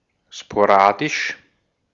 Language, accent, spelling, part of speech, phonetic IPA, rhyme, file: German, Austria, sporadisch, adjective, [ʃpoˈʁaːdɪʃ], -aːdɪʃ, De-at-sporadisch.ogg
- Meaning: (adjective) sporadic; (adverb) sporadically